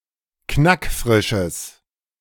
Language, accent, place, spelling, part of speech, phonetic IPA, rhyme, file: German, Germany, Berlin, knackfrisches, adjective, [ˈknakˈfʁɪʃəs], -ɪʃəs, De-knackfrisches.ogg
- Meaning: strong/mixed nominative/accusative neuter singular of knackfrisch